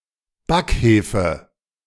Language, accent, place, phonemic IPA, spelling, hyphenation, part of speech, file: German, Germany, Berlin, /ˈbakˌheːfə/, Backhefe, Back‧he‧fe, noun, De-Backhefe.ogg
- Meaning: baker's yeast